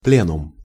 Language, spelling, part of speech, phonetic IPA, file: Russian, пленум, noun, [ˈplʲenʊm], Ru-пленум.ogg
- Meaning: plenum, plenary session, plenary meeting